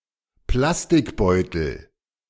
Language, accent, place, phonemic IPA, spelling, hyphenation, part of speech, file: German, Germany, Berlin, /ˈplastɪkˌbɔɪ̯tl̩/, Plastikbeutel, Plas‧tik‧beu‧tel, noun, De-Plastikbeutel.ogg
- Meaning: plastic bag